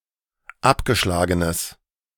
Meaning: strong/mixed nominative/accusative neuter singular of abgeschlagen
- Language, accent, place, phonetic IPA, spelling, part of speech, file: German, Germany, Berlin, [ˈapɡəˌʃlaːɡənəs], abgeschlagenes, adjective, De-abgeschlagenes.ogg